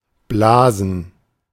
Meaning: 1. to blow 2. to play (a wind instrument) 3. to fellate, to perform oral sex
- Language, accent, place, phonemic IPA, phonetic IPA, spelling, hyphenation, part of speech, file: German, Germany, Berlin, /ˈblaːzən/, [ˈblaːzn̩], blasen, bla‧sen, verb, De-blasen.ogg